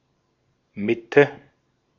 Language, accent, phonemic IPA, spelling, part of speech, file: German, Austria, /ˈmɪ.tə/, Mitte, noun / proper noun, De-at-Mitte.ogg
- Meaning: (noun) 1. middle 2. center; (proper noun) The most central borough of Berlin